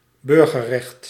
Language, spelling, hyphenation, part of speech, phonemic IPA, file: Dutch, burgerrecht, bur‧ger‧recht, noun, /ˈbʏr.ɣə(r)ˌrɛxt/, Nl-burgerrecht.ogg
- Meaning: civil right